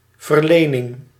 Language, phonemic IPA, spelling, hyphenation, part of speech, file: Dutch, /vərˈleː.nɪŋ/, verlening, ver‧le‧ning, noun, Nl-verlening.ogg
- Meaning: allotment